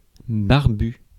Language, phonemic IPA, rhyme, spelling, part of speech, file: French, /baʁ.by/, -y, barbu, adjective, Fr-barbu.ogg
- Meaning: bearded (possessing a beard)